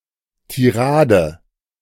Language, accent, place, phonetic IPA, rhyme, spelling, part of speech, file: German, Germany, Berlin, [tiˈʁaːdə], -aːdə, Tirade, noun, De-Tirade.ogg
- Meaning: 1. tirade (meaningless utterance; torrent of words) 2. run of rapidly successive tones as an ornament between two tones of a melody